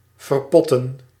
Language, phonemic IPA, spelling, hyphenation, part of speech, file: Dutch, /vərˈpɔ.tə(n)/, verpotten, ver‧pot‧ten, verb, Nl-verpotten.ogg
- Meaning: to repot